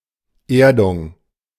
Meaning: earthing system
- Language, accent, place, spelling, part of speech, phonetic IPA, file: German, Germany, Berlin, Erdung, noun, [ˈeːɐ̯dʊŋ], De-Erdung.ogg